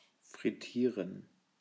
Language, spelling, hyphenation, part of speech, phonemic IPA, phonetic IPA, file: German, frittieren, frit‧tie‧ren, verb, /fʁɪˈtiːʁən/, [fʁɪˈtʰiːɐ̯n], De-frittieren.ogg
- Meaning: to deep-fry